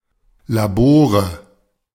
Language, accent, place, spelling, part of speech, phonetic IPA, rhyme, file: German, Germany, Berlin, Labore, noun, [laˈboːʁə], -oːʁə, De-Labore.ogg
- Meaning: nominative/accusative/genitive plural of Labor